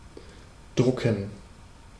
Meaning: to print (a book, newspaper etc.)
- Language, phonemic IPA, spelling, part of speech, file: German, /ˈdrʊkən/, drucken, verb, De-drucken.ogg